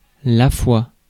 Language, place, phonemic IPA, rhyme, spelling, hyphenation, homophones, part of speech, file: French, Paris, /fwa/, -a, foi, foi, foie / foies / fois, noun, Fr-foi.ogg
- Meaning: 1. Faith 2. A depiction of a handshake